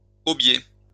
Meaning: guelder rose
- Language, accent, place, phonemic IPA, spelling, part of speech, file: French, France, Lyon, /ɔ.bje/, obier, noun, LL-Q150 (fra)-obier.wav